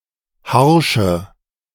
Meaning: inflection of harsch: 1. strong/mixed nominative/accusative feminine singular 2. strong nominative/accusative plural 3. weak nominative all-gender singular 4. weak accusative feminine/neuter singular
- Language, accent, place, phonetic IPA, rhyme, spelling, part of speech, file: German, Germany, Berlin, [ˈhaʁʃə], -aʁʃə, harsche, adjective, De-harsche.ogg